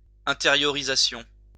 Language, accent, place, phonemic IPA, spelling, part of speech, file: French, France, Lyon, /ɛ̃.te.ʁjɔ.ʁi.za.sjɔ̃/, intériorisation, noun, LL-Q150 (fra)-intériorisation.wav
- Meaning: interiorization, internalization